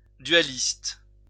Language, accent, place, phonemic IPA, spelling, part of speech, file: French, France, Lyon, /dɥa.list/, dualiste, noun / adjective, LL-Q150 (fra)-dualiste.wav
- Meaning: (noun) dualist